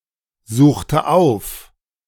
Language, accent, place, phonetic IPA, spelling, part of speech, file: German, Germany, Berlin, [ˌzuːxtə ˈaʊ̯f], suchte auf, verb, De-suchte auf.ogg
- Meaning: inflection of aufsuchen: 1. first/third-person singular preterite 2. first/third-person singular subjunctive II